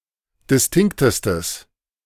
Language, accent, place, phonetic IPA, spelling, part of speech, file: German, Germany, Berlin, [dɪsˈtɪŋktəstəs], distinktestes, adjective, De-distinktestes.ogg
- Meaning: strong/mixed nominative/accusative neuter singular superlative degree of distinkt